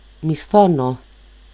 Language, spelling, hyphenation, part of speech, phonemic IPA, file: Greek, μισθώνω, μι‧σθώ‧νω, verb, /miˈsθono/, El-μισθώνω.ogg
- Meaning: 1. to rent, lease from someone 2. to hire, employ, take on